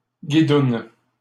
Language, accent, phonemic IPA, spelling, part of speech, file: French, Canada, /ɡi.dun/, guidoune, noun, LL-Q150 (fra)-guidoune.wav
- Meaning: prostitute, whore, slut